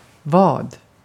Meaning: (pronoun) what; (noun) 1. bet, wager 2. a ford, a place for wading, short for vadställe 3. calf; the back side of the lower part of the leg 4. a trawl
- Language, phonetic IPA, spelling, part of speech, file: Swedish, [vɒ̜ːd̪], vad, pronoun / noun, Sv-vad.ogg